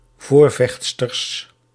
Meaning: plural of voorvechtster
- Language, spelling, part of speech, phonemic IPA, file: Dutch, voorvechtsters, noun, /ˈvorvɛx(t)stərs/, Nl-voorvechtsters.ogg